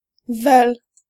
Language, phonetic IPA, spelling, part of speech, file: Polish, [vɛl], vel, conjunction, Pl-vel.ogg